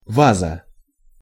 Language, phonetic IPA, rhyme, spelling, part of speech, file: Russian, [ˈvazə], -azə, ваза, noun, Ru-ваза.ogg
- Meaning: 1. vase 2. bowl (for fruits, sweets, etc.)